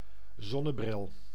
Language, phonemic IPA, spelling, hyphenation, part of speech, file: Dutch, /ˈzɔ.nəˌbrɪl/, zonnebril, zon‧ne‧bril, noun, Nl-zonnebril.ogg
- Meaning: a pair of sunglasses